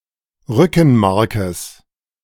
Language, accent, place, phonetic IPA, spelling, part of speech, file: German, Germany, Berlin, [ˈʁʏkn̩ˌmaʁkəs], Rückenmarkes, noun, De-Rückenmarkes.ogg
- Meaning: genitive singular of Rückenmark